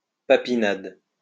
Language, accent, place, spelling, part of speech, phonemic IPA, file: French, France, Lyon, papinade, noun, /pa.pi.nad/, LL-Q150 (fra)-papinade.wav
- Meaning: a spectacular type of volley, struck at strange angles, characteristic of Jean-Pierre Papin